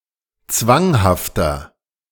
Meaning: 1. comparative degree of zwanghaft 2. inflection of zwanghaft: strong/mixed nominative masculine singular 3. inflection of zwanghaft: strong genitive/dative feminine singular
- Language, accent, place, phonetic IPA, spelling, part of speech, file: German, Germany, Berlin, [ˈt͡svaŋhaftɐ], zwanghafter, adjective, De-zwanghafter.ogg